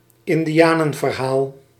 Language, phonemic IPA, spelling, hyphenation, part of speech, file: Dutch, /ɪn.diˈaː.nə(n).vərˌɦaːl/, indianenverhaal, in‧di‧a‧nen‧ver‧haal, noun, Nl-indianenverhaal.ogg
- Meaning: 1. a wild, untrue story, an urban myth 2. a story about Amerind people